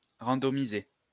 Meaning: to randomize
- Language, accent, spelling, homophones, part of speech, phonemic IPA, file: French, France, randomiser, randomisai / randomisé / randomisée / randomisées / randomisés / randomisez, verb, /ʁɑ̃.dɔ.mi.ze/, LL-Q150 (fra)-randomiser.wav